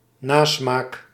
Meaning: aftertaste
- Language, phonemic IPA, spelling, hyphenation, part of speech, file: Dutch, /ˈnaː.smaːk/, nasmaak, na‧smaak, noun, Nl-nasmaak.ogg